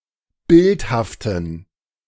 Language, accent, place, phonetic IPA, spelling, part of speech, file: German, Germany, Berlin, [ˈbɪlthaftn̩], bildhaften, adjective, De-bildhaften.ogg
- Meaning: inflection of bildhaft: 1. strong genitive masculine/neuter singular 2. weak/mixed genitive/dative all-gender singular 3. strong/weak/mixed accusative masculine singular 4. strong dative plural